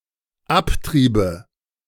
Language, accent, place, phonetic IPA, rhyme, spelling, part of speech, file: German, Germany, Berlin, [ˈapˌtʁiːbə], -aptʁiːbə, abtriebe, verb, De-abtriebe.ogg
- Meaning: first/third-person singular dependent subjunctive II of abtreiben